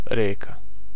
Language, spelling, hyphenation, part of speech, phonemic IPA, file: Serbo-Croatian, reka, re‧ka, noun, /rěːka/, Sr-reka.ogg
- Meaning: river